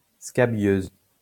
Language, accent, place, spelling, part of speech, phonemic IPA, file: French, France, Lyon, scabieuse, noun / adjective, /ska.bjøz/, LL-Q150 (fra)-scabieuse.wav
- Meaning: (noun) scabious (plant of the genus Scabiosa); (adjective) feminine singular of scabieux